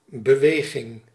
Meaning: 1. movement, motion (act of physically moving) 2. physical activity, exercise 3. movement, group, organisation (people with a common ideology or goal)
- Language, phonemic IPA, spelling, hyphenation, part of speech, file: Dutch, /bəˈʋeː.ɣɪŋ/, beweging, be‧we‧ging, noun, Nl-beweging.ogg